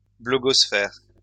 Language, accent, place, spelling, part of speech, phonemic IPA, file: French, France, Lyon, blogosphère, noun, /blɔ.ɡɔs.fɛʁ/, LL-Q150 (fra)-blogosphère.wav
- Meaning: blogosphere